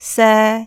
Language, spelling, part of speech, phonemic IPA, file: Cantonese, se3, romanization, /sɛː˧/, Yue-se3.ogg
- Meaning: Jyutping transcription of 舍